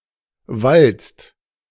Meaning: inflection of walzen: 1. second/third-person singular present 2. second-person plural present 3. plural imperative
- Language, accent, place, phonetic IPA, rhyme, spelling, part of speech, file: German, Germany, Berlin, [valt͡st], -alt͡st, walzt, verb, De-walzt.ogg